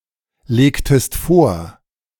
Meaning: inflection of vorlegen: 1. second-person singular preterite 2. second-person singular subjunctive II
- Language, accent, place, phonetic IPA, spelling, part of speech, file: German, Germany, Berlin, [ˌleːktəst ˈfoːɐ̯], legtest vor, verb, De-legtest vor.ogg